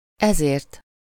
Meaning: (pronoun) causal-final singular of ez: for this [reason]; for this [purpose]; this is why; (determiner) causal-final singular of ez; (conjunction) therefore
- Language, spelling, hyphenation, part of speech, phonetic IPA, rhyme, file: Hungarian, ezért, ezért, pronoun / determiner / conjunction, [ˈɛzeːrt], -eːrt, Hu-ezért.ogg